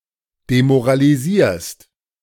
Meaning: second-person singular present of demoralisieren
- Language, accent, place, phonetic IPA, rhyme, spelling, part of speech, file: German, Germany, Berlin, [demoʁaliˈziːɐ̯st], -iːɐ̯st, demoralisierst, verb, De-demoralisierst.ogg